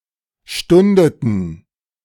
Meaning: inflection of stunden: 1. first/third-person plural preterite 2. first/third-person plural subjunctive II
- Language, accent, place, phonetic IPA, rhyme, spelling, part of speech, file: German, Germany, Berlin, [ˈʃtʊndətn̩], -ʊndətn̩, stundeten, verb, De-stundeten.ogg